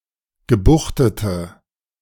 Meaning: inflection of gebuchtet: 1. strong/mixed nominative/accusative feminine singular 2. strong nominative/accusative plural 3. weak nominative all-gender singular
- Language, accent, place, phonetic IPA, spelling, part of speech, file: German, Germany, Berlin, [ɡəˈbuxtətə], gebuchtete, adjective, De-gebuchtete.ogg